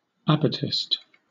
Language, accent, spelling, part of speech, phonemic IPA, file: English, Southern England, abatised, adjective, /ˈæb.əˌtɪst/, LL-Q1860 (eng)-abatised.wav
- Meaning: Provided with an abatis